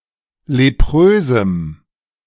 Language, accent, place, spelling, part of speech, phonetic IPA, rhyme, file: German, Germany, Berlin, leprösem, adjective, [leˈpʁøːzm̩], -øːzm̩, De-leprösem.ogg
- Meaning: strong dative masculine/neuter singular of leprös